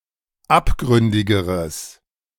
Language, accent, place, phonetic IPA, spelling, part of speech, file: German, Germany, Berlin, [ˈapˌɡʁʏndɪɡəʁəs], abgründigeres, adjective, De-abgründigeres.ogg
- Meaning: strong/mixed nominative/accusative neuter singular comparative degree of abgründig